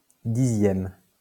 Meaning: tenth, 10ᵗʰ; abbreviation of dixième
- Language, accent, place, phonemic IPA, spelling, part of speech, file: French, France, Lyon, /di.zjɛm/, 10e, adjective, LL-Q150 (fra)-10e.wav